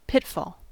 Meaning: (noun) A type of trap consisting of a concealed pit in the ground, into which the victim is supposed to fall and not be able to get out from
- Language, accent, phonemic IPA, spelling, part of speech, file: English, US, /ˈpɪtfɔl/, pitfall, noun / verb, En-us-pitfall.ogg